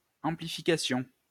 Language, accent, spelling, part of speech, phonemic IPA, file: French, France, amplification, noun, /ɑ̃.pli.fi.ka.sjɔ̃/, LL-Q150 (fra)-amplification.wav
- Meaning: amplification (all senses)